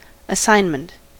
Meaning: 1. The act of assigning; the allocation of a job or a set of tasks 2. The categorization of something as belonging to a specific category
- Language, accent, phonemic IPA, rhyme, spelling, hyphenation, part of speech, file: English, US, /əˈsaɪn.mənt/, -aɪnmənt, assignment, a‧ssign‧ment, noun, En-us-assignment.ogg